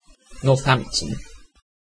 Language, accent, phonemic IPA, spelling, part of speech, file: English, UK, /nɔːˈθæmptən/, Northampton, proper noun, En-uk-Northampton.ogg
- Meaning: A large town, the county town of Northamptonshire, now in West Northamptonshire district, England